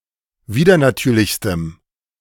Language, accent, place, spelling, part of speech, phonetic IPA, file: German, Germany, Berlin, widernatürlichstem, adjective, [ˈviːdɐnaˌtyːɐ̯lɪçstəm], De-widernatürlichstem.ogg
- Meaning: strong dative masculine/neuter singular superlative degree of widernatürlich